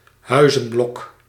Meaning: a block of houses, a residential block
- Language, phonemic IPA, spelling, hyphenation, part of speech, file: Dutch, /ˈɦœy̯.zə(n)ˌblɔk/, huizenblok, hui‧zen‧blok, noun, Nl-huizenblok.ogg